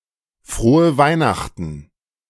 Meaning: Merry Christmas
- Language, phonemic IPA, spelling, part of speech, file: German, /ˌfʁoːə ˈvaɪ̯naxtn̩/, frohe Weihnachten, phrase, De-Frohe Weihnachten!.ogg